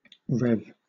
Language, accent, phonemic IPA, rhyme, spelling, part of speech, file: English, Southern England, /ɹɛv/, -ɛv, rev, verb / noun, LL-Q1860 (eng)-rev.wav
- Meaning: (verb) To increase the speed of a motor, or to operate at a higher speed; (noun) 1. Clipping of revolution (of something spinning) 2. Clipping of revenue 3. Clipping of reverend